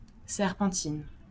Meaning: feminine singular of serpentin
- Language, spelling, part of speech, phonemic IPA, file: French, serpentine, adjective, /sɛʁ.pɑ̃.tin/, LL-Q150 (fra)-serpentine.wav